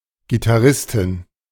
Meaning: female equivalent of Gitarrist
- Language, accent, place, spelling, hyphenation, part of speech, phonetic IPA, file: German, Germany, Berlin, Gitarristin, Gi‧tar‧ris‧tin, noun, [ɡitaˈʁɪstɪn], De-Gitarristin.ogg